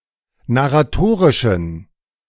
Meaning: inflection of narratorisch: 1. strong genitive masculine/neuter singular 2. weak/mixed genitive/dative all-gender singular 3. strong/weak/mixed accusative masculine singular 4. strong dative plural
- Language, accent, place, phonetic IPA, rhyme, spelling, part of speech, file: German, Germany, Berlin, [naʁaˈtoːʁɪʃn̩], -oːʁɪʃn̩, narratorischen, adjective, De-narratorischen.ogg